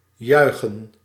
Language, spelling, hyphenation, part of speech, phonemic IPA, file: Dutch, juichen, jui‧chen, verb, /ˈjœy̯.xən/, Nl-juichen.ogg
- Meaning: to shout with joy